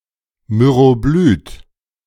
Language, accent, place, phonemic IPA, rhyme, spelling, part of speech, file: German, Germany, Berlin, /myʁoˈblyːt/, -yːt, Myroblyt, noun, De-Myroblyt.ogg
- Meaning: myroblyte